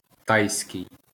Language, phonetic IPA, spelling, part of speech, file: Ukrainian, [ˈtai̯sʲkei̯], тайський, adjective, LL-Q8798 (ukr)-тайський.wav
- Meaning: Thai